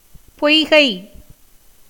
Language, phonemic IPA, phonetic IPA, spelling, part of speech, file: Tamil, /pojɡɐɪ̯/, [po̞jɡɐɪ̯], பொய்கை, noun / proper noun, Ta-பொய்கை.ogg
- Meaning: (noun) 1. natural spring or pond 2. tank 3. owl; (proper noun) Poigai (a dam in Kanyakumari district, Tamil Nadu)